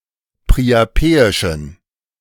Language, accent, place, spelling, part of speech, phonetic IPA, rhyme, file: German, Germany, Berlin, priapeischen, adjective, [pʁiaˈpeːɪʃn̩], -eːɪʃn̩, De-priapeischen.ogg
- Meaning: inflection of priapeisch: 1. strong genitive masculine/neuter singular 2. weak/mixed genitive/dative all-gender singular 3. strong/weak/mixed accusative masculine singular 4. strong dative plural